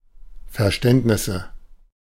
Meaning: nominative/accusative/genitive plural of Verständnis
- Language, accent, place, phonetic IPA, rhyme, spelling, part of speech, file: German, Germany, Berlin, [fɛɐ̯ˈʃtɛntnɪsə], -ɛntnɪsə, Verständnisse, noun, De-Verständnisse.ogg